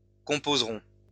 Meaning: third-person plural future of composer
- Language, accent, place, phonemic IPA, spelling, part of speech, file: French, France, Lyon, /kɔ̃.poz.ʁɔ̃/, composeront, verb, LL-Q150 (fra)-composeront.wav